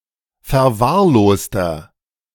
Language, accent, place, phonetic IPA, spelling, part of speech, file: German, Germany, Berlin, [fɛɐ̯ˈvaːɐ̯ˌloːstɐ], verwahrloster, adjective, De-verwahrloster.ogg
- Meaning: 1. comparative degree of verwahrlost 2. inflection of verwahrlost: strong/mixed nominative masculine singular 3. inflection of verwahrlost: strong genitive/dative feminine singular